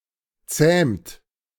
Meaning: inflection of zähmen: 1. third-person singular present 2. second-person plural present 3. plural imperative
- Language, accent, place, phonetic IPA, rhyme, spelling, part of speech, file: German, Germany, Berlin, [t͡sɛːmt], -ɛːmt, zähmt, verb, De-zähmt.ogg